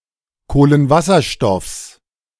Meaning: genitive singular of Kohlenwasserstoff
- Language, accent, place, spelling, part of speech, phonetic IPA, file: German, Germany, Berlin, Kohlenwasserstoffs, noun, [ˌkoːlənˈvasɐʃtɔfs], De-Kohlenwasserstoffs.ogg